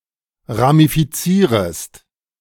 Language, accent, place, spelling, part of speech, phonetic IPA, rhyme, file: German, Germany, Berlin, ramifizierest, verb, [ʁamifiˈt͡siːʁəst], -iːʁəst, De-ramifizierest.ogg
- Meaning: second-person singular subjunctive I of ramifizieren